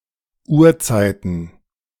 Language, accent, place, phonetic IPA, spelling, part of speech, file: German, Germany, Berlin, [ˈuːɐ̯ˌt͡saɪ̯tn̩], Urzeiten, noun, De-Urzeiten.ogg
- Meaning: plural of Urzeit